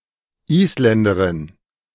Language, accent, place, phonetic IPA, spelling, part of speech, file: German, Germany, Berlin, [ˈʔiːslɛndəʁɪn], Isländerin, noun, De-Isländerin.ogg
- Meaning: Icelander (female) (woman or girl from Iceland)